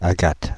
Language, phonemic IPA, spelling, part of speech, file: French, /a.ɡat/, Agathe, proper noun, Fr-Agathe.ogg
- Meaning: a female given name, equivalent to English Agatha